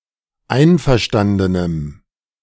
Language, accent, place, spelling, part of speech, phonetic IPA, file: German, Germany, Berlin, einverstandenem, adjective, [ˈaɪ̯nfɛɐ̯ˌʃtandənəm], De-einverstandenem.ogg
- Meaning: strong dative masculine/neuter singular of einverstanden